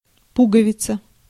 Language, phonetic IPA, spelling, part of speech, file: Russian, [ˈpuɡəvʲɪt͡sə], пуговица, noun, Ru-пуговица.ogg
- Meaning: button (knob or small disc serving as a fastener)